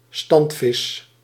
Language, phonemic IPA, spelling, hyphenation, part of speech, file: Dutch, /ˈstɑnt.fɪs/, standvis, stand‧vis, noun, Nl-standvis.ogg
- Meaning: sedentary fish (fish of a non-migratory population)